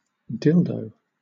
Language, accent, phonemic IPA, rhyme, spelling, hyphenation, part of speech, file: English, Southern England, /ˈdɪldəʊ/, -ɪldəʊ, dildo, dil‧do, noun / verb / interjection, LL-Q1860 (eng)-dildo.wav
- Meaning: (noun) 1. A device used for sexual penetration or another sexual activity 2. A device used for sexual penetration or another sexual activity.: An artificial penis 3. Any device or implement